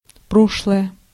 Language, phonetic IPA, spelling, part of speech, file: Russian, [ˈproʂɫəjə], прошлое, adjective / noun, Ru-прошлое.ogg
- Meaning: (adjective) inflection of про́шлый (próšlyj): 1. neuter nominative singular 2. accusative neuter singular; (noun) the past